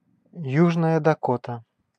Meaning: South Dakota (a state in the Upper Midwest region of the United States)
- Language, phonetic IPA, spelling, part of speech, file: Russian, [ˈjuʐnəjə dɐˈkotə], Южная Дакота, proper noun, Ru-Южная Дакота.ogg